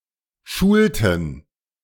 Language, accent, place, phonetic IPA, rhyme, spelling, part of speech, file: German, Germany, Berlin, [ˈʃuːltn̩], -uːltn̩, schulten, verb, De-schulten.ogg
- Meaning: inflection of schulen: 1. first/third-person plural preterite 2. first/third-person plural subjunctive II